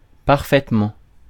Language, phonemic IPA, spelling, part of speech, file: French, /paʁ.fɛt.mɑ̃/, parfaitement, adverb, Fr-parfaitement.ogg
- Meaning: perfectly